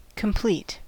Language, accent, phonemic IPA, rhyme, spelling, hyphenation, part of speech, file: English, US, /kəmˈpliːt/, -iːt, complete, com‧plete, verb / adjective / noun, En-us-complete.ogg
- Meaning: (verb) 1. To finish; to make done; to reach the end 2. To make whole or entire 3. To call from the small blind in an unraised pot 4. to accomplish every significant achievement within a field